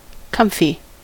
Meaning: Comfortable
- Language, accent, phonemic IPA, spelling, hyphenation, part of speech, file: English, US, /ˈkʌm.fi/, comfy, com‧fy, adjective, En-us-comfy.ogg